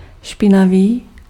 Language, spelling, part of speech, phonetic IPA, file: Czech, špinavý, adjective, [ˈʃpɪnaviː], Cs-špinavý.ogg
- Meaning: 1. dirty (unclean; covered with or containing unpleasant substances such as dirt or grime) 2. dirty (illegal, improper)